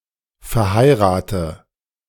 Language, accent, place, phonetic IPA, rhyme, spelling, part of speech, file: German, Germany, Berlin, [fɛɐ̯ˈhaɪ̯ʁaːtə], -aɪ̯ʁaːtə, verheirate, verb, De-verheirate.ogg
- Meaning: inflection of verheiraten: 1. first-person singular present 2. singular imperative 3. first/third-person singular subjunctive I